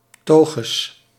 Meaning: toches; butt, buttocks, hindquarters
- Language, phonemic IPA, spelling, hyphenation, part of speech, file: Dutch, /ˈtoː.xəs/, toges, to‧ges, noun, Nl-toges.ogg